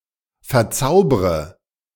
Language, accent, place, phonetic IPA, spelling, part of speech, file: German, Germany, Berlin, [fɛɐ̯ˈt͡saʊ̯bʁə], verzaubre, verb, De-verzaubre.ogg
- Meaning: inflection of verzaubern: 1. first-person singular present 2. first/third-person singular subjunctive I 3. singular imperative